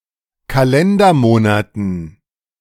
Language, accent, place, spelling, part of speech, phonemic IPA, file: German, Germany, Berlin, Kalendermonaten, noun, /kaˈlɛndɐˌmoːnatn̩/, De-Kalendermonaten.ogg
- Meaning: dative plural of Kalendermonat